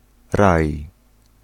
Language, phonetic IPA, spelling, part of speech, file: Polish, [raj], raj, noun / verb, Pl-raj.ogg